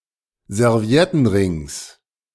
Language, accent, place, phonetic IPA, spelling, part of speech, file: German, Germany, Berlin, [zɛʁˈvi̯ɛtn̩ˌʁɪŋs], Serviettenrings, noun, De-Serviettenrings.ogg
- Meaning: genitive singular of Serviettenring